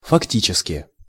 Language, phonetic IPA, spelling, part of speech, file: Russian, [fɐkˈtʲit͡ɕɪskʲɪ], фактически, adverb, Ru-фактически.ogg
- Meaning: in fact (actually, in truth)